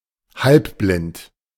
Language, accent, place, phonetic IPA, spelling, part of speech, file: German, Germany, Berlin, [ˈhalpˌblɪnt], halbblind, adjective, De-halbblind.ogg
- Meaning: purblind